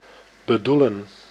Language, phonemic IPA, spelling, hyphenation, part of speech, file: Dutch, /bəˈdulə(n)/, bedoelen, be‧doe‧len, verb, Nl-bedoelen.ogg
- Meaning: 1. to intend, to have an aim 2. to mean, to intend to communicate